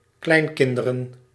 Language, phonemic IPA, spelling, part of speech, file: Dutch, /ˈklɛiŋkɪndərə(n)/, kleinkinderen, noun, Nl-kleinkinderen.ogg
- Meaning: plural of kleinkind